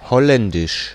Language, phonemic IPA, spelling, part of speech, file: German, /ˈhɔlɛndɪʃ/, Holländisch, proper noun, De-Holländisch.ogg
- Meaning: 1. Dutch (the Dutch language) 2. Hollandic